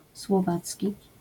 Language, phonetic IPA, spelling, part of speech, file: Polish, [swɔˈvat͡sʲci], słowacki, adjective / noun, LL-Q809 (pol)-słowacki.wav